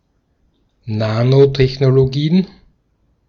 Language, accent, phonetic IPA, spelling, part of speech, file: German, Austria, [ˈnaːnotɛçnoloˌɡiːən], Nanotechnologien, noun, De-at-Nanotechnologien.ogg
- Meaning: plural of Nanotechnologie